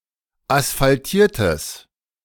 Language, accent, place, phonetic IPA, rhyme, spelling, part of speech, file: German, Germany, Berlin, [asfalˈtiːɐ̯təs], -iːɐ̯təs, asphaltiertes, adjective, De-asphaltiertes.ogg
- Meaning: strong/mixed nominative/accusative neuter singular of asphaltiert